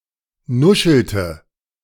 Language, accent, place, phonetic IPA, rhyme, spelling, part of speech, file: German, Germany, Berlin, [ˈnʊʃl̩tə], -ʊʃl̩tə, nuschelte, verb, De-nuschelte.ogg
- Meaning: inflection of nuscheln: 1. first/third-person singular preterite 2. first/third-person singular subjunctive II